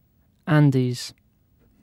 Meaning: Synonym of Andes Mountains
- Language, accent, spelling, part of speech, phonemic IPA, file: English, UK, Andes, proper noun, /ˈæn.diːz/, En-uk-andes.ogg